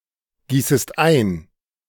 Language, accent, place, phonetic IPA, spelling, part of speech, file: German, Germany, Berlin, [ˌɡiːsəst ˈaɪ̯n], gießest ein, verb, De-gießest ein.ogg
- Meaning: second-person singular subjunctive I of eingießen